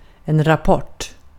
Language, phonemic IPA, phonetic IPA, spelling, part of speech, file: Swedish, /rapˈɔʈː/, [ɾapˈɔʈː], rapport, noun, Sv-rapport.ogg
- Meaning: 1. a report (relayed account of something one has learned or the result of an investigation or the like) 2. Rapport (a news program)